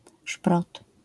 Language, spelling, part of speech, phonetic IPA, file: Polish, szprot, noun, [ʃprɔt], LL-Q809 (pol)-szprot.wav